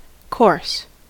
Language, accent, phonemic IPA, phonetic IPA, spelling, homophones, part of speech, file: English, US, /kɔɹs/, [kʰo̞ɹs], coarse, course, adjective, En-us-coarse.ogg
- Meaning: 1. With a rough texture; not smooth 2. Composed of large particles 3. Lacking refinement, taste or delicacy 4. Unrefined 5. Of inferior quality 6. Not thin; thick